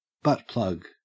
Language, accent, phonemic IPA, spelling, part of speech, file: English, Australia, /ˈbʌtplʌɡ/, butt plug, noun, En-au-butt plug.ogg
- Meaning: 1. A sex toy designed for insertion into the anus and rectum 2. A rubber cap fitted to the end of the pole in pole vaulting; the pole tip